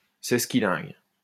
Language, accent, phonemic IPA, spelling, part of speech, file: French, France, /sɛs.ki.lɛ̃ɡ/, sesquilingue, adjective, LL-Q150 (fra)-sesquilingue.wav
- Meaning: sesquilingual